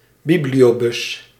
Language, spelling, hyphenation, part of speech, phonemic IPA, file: Dutch, bibliobus, bi‧bli‧o‧bus, noun, /ˈbi.bli.oːˌbʏs/, Nl-bibliobus.ogg
- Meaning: mobile library